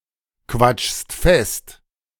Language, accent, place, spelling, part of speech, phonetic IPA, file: German, Germany, Berlin, quatschst fest, verb, [ˌkvat͡ʃst ˈfɛst], De-quatschst fest.ogg
- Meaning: second-person singular present of festquatschen